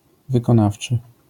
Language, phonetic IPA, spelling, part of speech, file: Polish, [ˌvɨkɔ̃ˈnaft͡ʃɨ], wykonawczy, adjective, LL-Q809 (pol)-wykonawczy.wav